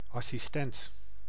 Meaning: assistant, person who assists, aid
- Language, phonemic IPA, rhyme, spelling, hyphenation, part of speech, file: Dutch, /ˌɑ.siˈstɛnt/, -ɛnt, assistent, as‧sis‧tent, noun, Nl-assistent.ogg